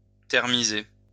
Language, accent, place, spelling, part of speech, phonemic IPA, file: French, France, Lyon, thermiser, verb, /tɛʁ.mi.ze/, LL-Q150 (fra)-thermiser.wav
- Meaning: to heat a food product at temperatures lower than those required for pasteurization